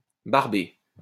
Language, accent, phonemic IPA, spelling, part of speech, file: French, France, /baʁ.be/, barbé, verb, LL-Q150 (fra)-barbé.wav
- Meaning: past participle of barber